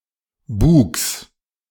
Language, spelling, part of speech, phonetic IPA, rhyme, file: German, Bugs, noun, [buːks], -uːks, De-Bugs.ogg
- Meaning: genitive singular of Bug